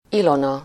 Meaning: a female given name from Ancient Greek, equivalent to English Helen
- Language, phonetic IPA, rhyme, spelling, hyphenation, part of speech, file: Hungarian, [ˈilonɒ], -nɒ, Ilona, Ilo‧na, proper noun, Hu-Ilona.ogg